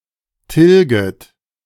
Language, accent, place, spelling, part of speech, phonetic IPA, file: German, Germany, Berlin, tilget, verb, [ˈtɪlɡət], De-tilget.ogg
- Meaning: second-person plural subjunctive I of tilgen